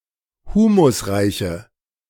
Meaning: inflection of humusreich: 1. strong/mixed nominative/accusative feminine singular 2. strong nominative/accusative plural 3. weak nominative all-gender singular
- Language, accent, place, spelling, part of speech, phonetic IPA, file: German, Germany, Berlin, humusreiche, adjective, [ˈhuːmʊsˌʁaɪ̯çə], De-humusreiche.ogg